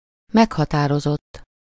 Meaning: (verb) 1. third-person singular indicative past indefinite of meghatároz 2. past participle of meghatároz; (adjective) specific, particular
- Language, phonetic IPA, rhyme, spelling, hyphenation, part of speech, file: Hungarian, [ˈmɛkhɒtaːrozotː], -otː, meghatározott, meg‧ha‧tá‧ro‧zott, verb / adjective, Hu-meghatározott.ogg